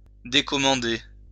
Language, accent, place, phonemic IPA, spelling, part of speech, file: French, France, Lyon, /de.kɔ.mɑ̃.de/, décommander, verb, LL-Q150 (fra)-décommander.wav
- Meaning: 1. to cancel (an order, event, etc.) 2. to put off (until another time) 3. to withdraw (an invitation)